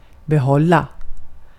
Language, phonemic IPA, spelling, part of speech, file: Swedish, /bɛˈhɔlːa/, behålla, verb, Sv-behålla.ogg
- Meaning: to keep; to maintain possession of